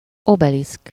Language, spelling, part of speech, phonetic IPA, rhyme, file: Hungarian, obeliszk, noun, [ˈobɛlisk], -isk, Hu-obeliszk.ogg
- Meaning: obelisk (a tall, four-sided, narrow tapering monument which ends in a pyramid-like shape at the top)